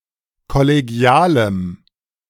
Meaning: strong dative masculine/neuter singular of kollegial
- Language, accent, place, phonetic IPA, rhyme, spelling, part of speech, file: German, Germany, Berlin, [kɔleˈɡi̯aːləm], -aːləm, kollegialem, adjective, De-kollegialem.ogg